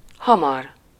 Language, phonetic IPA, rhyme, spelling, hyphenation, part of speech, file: Hungarian, [ˈhɒmɒr], -ɒr, hamar, ha‧mar, adverb / adjective, Hu-hamar.ogg
- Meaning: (adverb) 1. soon (within a short time) 2. readily, easily 3. quickly, rapidly, fast 4. early; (adjective) fast, quick, sudden